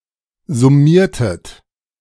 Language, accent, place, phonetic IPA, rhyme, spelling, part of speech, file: German, Germany, Berlin, [zʊˈmiːɐ̯tət], -iːɐ̯tət, summiertet, verb, De-summiertet.ogg
- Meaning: inflection of summieren: 1. second-person plural preterite 2. second-person plural subjunctive II